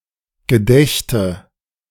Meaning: first/third-person singular subjunctive II of gedenken
- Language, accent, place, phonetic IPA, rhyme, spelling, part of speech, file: German, Germany, Berlin, [ɡəˈdɛçtə], -ɛçtə, gedächte, verb, De-gedächte.ogg